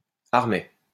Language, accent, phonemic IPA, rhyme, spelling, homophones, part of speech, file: French, France, /aʁ.mɛ/, -ɛ, armet, armets, noun, LL-Q150 (fra)-armet.wav
- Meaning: armet